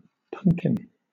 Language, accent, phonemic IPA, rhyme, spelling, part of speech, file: English, Southern England, /ˈpʌŋkɪn/, -ʌŋkɪn, punkin, noun, LL-Q1860 (eng)-punkin.wav
- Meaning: Nonstandard form of pumpkin